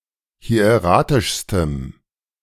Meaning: strong dative masculine/neuter singular superlative degree of hieratisch
- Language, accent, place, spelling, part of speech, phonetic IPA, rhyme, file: German, Germany, Berlin, hieratischstem, adjective, [hi̯eˈʁaːtɪʃstəm], -aːtɪʃstəm, De-hieratischstem.ogg